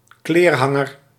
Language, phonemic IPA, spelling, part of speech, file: Dutch, /ˈklerhɑŋər/, kleerhanger, noun, Nl-kleerhanger.ogg
- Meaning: a coat hanger